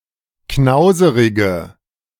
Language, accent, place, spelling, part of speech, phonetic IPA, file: German, Germany, Berlin, knauserige, adjective, [ˈknaʊ̯zəʁɪɡə], De-knauserige.ogg
- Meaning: inflection of knauserig: 1. strong/mixed nominative/accusative feminine singular 2. strong nominative/accusative plural 3. weak nominative all-gender singular